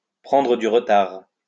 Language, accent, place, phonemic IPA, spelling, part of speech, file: French, France, Lyon, /pʁɑ̃.dʁə dy ʁ(ə).taʁ/, prendre du retard, verb, LL-Q150 (fra)-prendre du retard.wav
- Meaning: to fall behind schedule, to run late, to drop behind, to lag behind; to be delayed